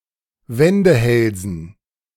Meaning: dative plural of Wendehals
- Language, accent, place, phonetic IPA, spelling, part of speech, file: German, Germany, Berlin, [ˈvɛndəˌhɛlzn̩], Wendehälsen, noun, De-Wendehälsen.ogg